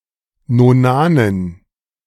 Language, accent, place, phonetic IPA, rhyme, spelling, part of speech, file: German, Germany, Berlin, [noˈnaːnən], -aːnən, Nonanen, noun, De-Nonanen.ogg
- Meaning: dative plural of Nonan